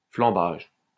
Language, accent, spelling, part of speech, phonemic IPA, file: French, France, flambage, noun, /flɑ̃.baʒ/, LL-Q150 (fra)-flambage.wav
- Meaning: buckling